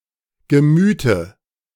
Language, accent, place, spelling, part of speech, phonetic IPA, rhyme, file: German, Germany, Berlin, Gemüte, noun, [ɡəˈmyːtə], -yːtə, De-Gemüte.ogg
- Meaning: dative singular of Gemüt